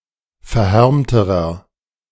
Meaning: inflection of verhärmt: 1. strong/mixed nominative masculine singular comparative degree 2. strong genitive/dative feminine singular comparative degree 3. strong genitive plural comparative degree
- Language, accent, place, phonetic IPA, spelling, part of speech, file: German, Germany, Berlin, [fɛɐ̯ˈhɛʁmtəʁɐ], verhärmterer, adjective, De-verhärmterer.ogg